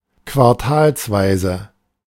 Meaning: quarterly
- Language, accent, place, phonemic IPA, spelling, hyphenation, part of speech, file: German, Germany, Berlin, /kvaʁˈtaːlsˌvaɪ̯zə/, quartalsweise, quar‧tals‧wei‧se, adjective, De-quartalsweise.ogg